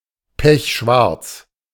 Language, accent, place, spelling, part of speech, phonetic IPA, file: German, Germany, Berlin, pechschwarz, adjective, [ˈpɛçˈʃvaʁt͡s], De-pechschwarz.ogg
- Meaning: pitch-black